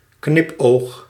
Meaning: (noun) wink; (verb) inflection of knipogen: 1. first-person singular present indicative 2. second-person singular present indicative 3. imperative
- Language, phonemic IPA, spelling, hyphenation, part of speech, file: Dutch, /ˈknɪp.oːx/, knipoog, knip‧oog, noun / verb, Nl-knipoog.ogg